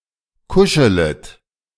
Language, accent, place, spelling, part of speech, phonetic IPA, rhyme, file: German, Germany, Berlin, kuschelet, verb, [ˈkʊʃələt], -ʊʃələt, De-kuschelet.ogg
- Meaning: second-person plural subjunctive I of kuscheln